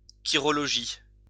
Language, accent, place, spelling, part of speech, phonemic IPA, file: French, France, Lyon, chirologie, noun, /ki.ʁɔ.lɔ.ʒi/, LL-Q150 (fra)-chirologie.wav
- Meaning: chirology